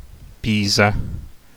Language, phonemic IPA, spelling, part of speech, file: Italian, /ˈpisa/, Pisa, proper noun, It-Pisa.ogg